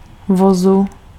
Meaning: genitive/dative/locative singular of vůz
- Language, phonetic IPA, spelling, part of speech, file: Czech, [ˈvozu], vozu, noun, Cs-vozu.ogg